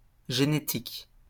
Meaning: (adjective) genetic; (noun) genetics
- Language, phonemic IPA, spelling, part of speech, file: French, /ʒe.ne.tik/, génétique, adjective / noun, LL-Q150 (fra)-génétique.wav